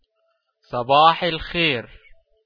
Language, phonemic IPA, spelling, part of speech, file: Arabic, /sˤa.baːħ al.xajr/, صباح الخير, interjection, Eg sb7 el 5yer.OGG
- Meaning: good morning